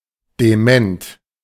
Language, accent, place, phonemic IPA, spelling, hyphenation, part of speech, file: German, Germany, Berlin, /deˈmɛnt/, dement, de‧ment, adjective, De-dement.ogg
- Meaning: 1. demented 2. suffering from dementia